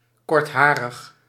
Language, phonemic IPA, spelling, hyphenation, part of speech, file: Dutch, /ˈkɔrtˌɦaː.rəx/, kortharig, kort‧ha‧rig, adjective, Nl-kortharig.ogg
- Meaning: shorthaired